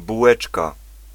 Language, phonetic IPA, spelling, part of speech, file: Polish, [buˈwɛt͡ʃka], bułeczka, noun, Pl-bułeczka.ogg